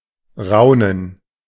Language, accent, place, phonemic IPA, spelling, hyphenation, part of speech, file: German, Germany, Berlin, /ˈraʊ̯nən/, raunen, rau‧nen, verb, De-raunen.ogg
- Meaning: 1. to whisper; to say secretly (especially in an eerie way) 2. to murmur; to whisper (to speak among each other in a subdued way, especially in astonishment)